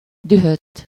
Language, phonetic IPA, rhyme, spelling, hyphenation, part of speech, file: Hungarian, [ˈdyɦøtː], -øtː, dühödt, dü‧hödt, verb / adjective, Hu-dühödt.ogg
- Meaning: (verb) past participle of dühödik; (adjective) 1. furious, enraged, livid (extremely angry) 2. frantic, unrestrained (pursuing something with intensity and fierceness) 3. enraged, infuriated